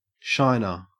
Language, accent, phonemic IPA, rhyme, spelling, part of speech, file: English, Australia, /ˈʃaɪnə(ɹ)/, -aɪnə(ɹ), shiner, noun, En-au-shiner.ogg
- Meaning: 1. One who shines; a luminary 2. One who causes things to shine; a polisher 3. A black eye 4. Raccoon eyes 5. A bright piece of money, especially a sovereign